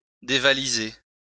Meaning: to burgle; to rob
- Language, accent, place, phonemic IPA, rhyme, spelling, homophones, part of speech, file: French, France, Lyon, /de.va.li.ze/, -e, dévaliser, dévalisai / dévalisé / dévalisée / dévalisées / dévalisés / dévalisez, verb, LL-Q150 (fra)-dévaliser.wav